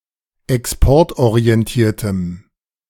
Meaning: strong dative masculine/neuter singular of exportorientiert
- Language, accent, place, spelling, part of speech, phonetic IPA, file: German, Germany, Berlin, exportorientiertem, adjective, [ɛksˈpɔʁtʔoʁiɛnˌtiːɐ̯təm], De-exportorientiertem.ogg